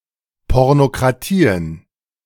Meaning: plural of Pornokratie
- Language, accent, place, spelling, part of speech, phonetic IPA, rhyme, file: German, Germany, Berlin, Pornokratien, noun, [ˌpɔʁnokʁaˈtiːən], -iːən, De-Pornokratien.ogg